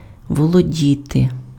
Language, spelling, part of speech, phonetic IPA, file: Ukrainian, володіти, verb, [wɔɫoˈdʲite], Uk-володіти.ogg
- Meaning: 1. to own, to possess, to be master of, to be in possession of 2. to govern, to control 3. to master, to manage, to wield